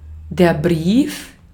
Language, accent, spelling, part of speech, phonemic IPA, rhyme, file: German, Austria, Brief, noun, /ˈbʁiːf/, -iːf, De-at-Brief.ogg
- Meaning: letter (written message)